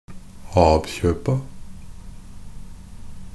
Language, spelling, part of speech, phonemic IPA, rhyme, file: Norwegian Bokmål, ab-kjøpa, noun, /ˈɑːb.çøːpa/, -øːpa, NB - Pronunciation of Norwegian Bokmål «ab-kjøpa».ogg
- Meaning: definite plural of ab-kjøp